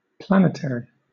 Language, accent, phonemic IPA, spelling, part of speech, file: English, Southern England, /ˈplænɪtəri/, planetary, adjective / noun, LL-Q1860 (eng)-planetary.wav
- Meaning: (adjective) 1. Of, or relating to planets, or the orbital motion of planets 2. Of, or relating to the Earth; terrestrial 3. Of, or relating to the whole Earth; global 4. Epicyclic